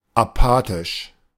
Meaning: apathetic
- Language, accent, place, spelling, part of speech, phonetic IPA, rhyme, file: German, Germany, Berlin, apathisch, adjective, [aˈpaːtɪʃ], -aːtɪʃ, De-apathisch.ogg